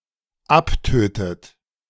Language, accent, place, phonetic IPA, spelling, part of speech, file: German, Germany, Berlin, [ˈapˌtøːtət], abtötet, verb, De-abtötet.ogg
- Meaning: inflection of abtöten: 1. third-person singular dependent present 2. second-person plural dependent present 3. second-person plural dependent subjunctive I